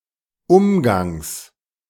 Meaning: genitive singular of Umgang
- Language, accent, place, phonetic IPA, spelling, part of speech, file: German, Germany, Berlin, [ˈʊmɡaŋs], Umgangs, noun, De-Umgangs.ogg